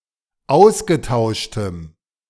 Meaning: strong dative masculine/neuter singular of ausgetauscht
- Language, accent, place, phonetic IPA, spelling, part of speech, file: German, Germany, Berlin, [ˈaʊ̯sɡəˌtaʊ̯ʃtəm], ausgetauschtem, adjective, De-ausgetauschtem.ogg